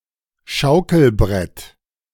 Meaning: seat of a swing, plank of a seesaw
- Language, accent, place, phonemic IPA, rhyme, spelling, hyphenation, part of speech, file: German, Germany, Berlin, /ˈʃaʊ̯kl̩ˌbʁɛt/, -ɛt, Schaukelbrett, Schau‧kel‧brett, noun, De-Schaukelbrett.ogg